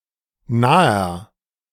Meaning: inflection of nah: 1. strong/mixed nominative masculine singular 2. strong genitive/dative feminine singular 3. strong genitive plural
- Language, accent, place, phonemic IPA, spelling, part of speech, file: German, Germany, Berlin, /naːɐ/, naher, adjective, De-naher.ogg